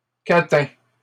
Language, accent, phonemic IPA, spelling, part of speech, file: French, Canada, /ka.tɛ̃/, catins, noun, LL-Q150 (fra)-catins.wav
- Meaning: plural of catin